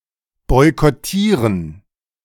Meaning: to boycott (to avoid buying from, engaing with or taking part in a group or event in order to protest or exert political pressure)
- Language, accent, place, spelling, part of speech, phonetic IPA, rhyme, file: German, Germany, Berlin, boykottieren, verb, [ˌbɔɪ̯kɔˈtiːʁən], -iːʁən, De-boykottieren.ogg